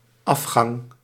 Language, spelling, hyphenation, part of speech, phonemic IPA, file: Dutch, afgang, af‧gang, noun, /ˈɑf.xɑŋ/, Nl-afgang.ogg
- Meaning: 1. the act of descending 2. the act of leaving the stage 3. the loss of face